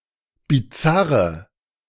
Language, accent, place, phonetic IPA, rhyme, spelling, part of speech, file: German, Germany, Berlin, [biˈt͡saʁə], -aʁə, bizarre, adjective, De-bizarre.ogg
- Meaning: inflection of bizarr: 1. strong/mixed nominative/accusative feminine singular 2. strong nominative/accusative plural 3. weak nominative all-gender singular 4. weak accusative feminine/neuter singular